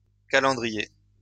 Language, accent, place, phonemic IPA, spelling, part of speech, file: French, France, Lyon, /ka.lɑ̃.dʁi.je/, calendriers, noun, LL-Q150 (fra)-calendriers.wav
- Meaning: plural of calendrier